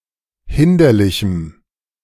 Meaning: strong dative masculine/neuter singular of hinderlich
- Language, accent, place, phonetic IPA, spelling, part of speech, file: German, Germany, Berlin, [ˈhɪndɐlɪçm̩], hinderlichem, adjective, De-hinderlichem.ogg